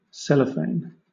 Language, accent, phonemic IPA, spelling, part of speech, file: English, Southern England, /ˈsɛləfeɪn/, cellophane, noun / verb, LL-Q1860 (eng)-cellophane.wav
- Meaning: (noun) Any of a variety of transparent plastic films, especially one made of processed cellulose; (verb) To wrap or package in cellophane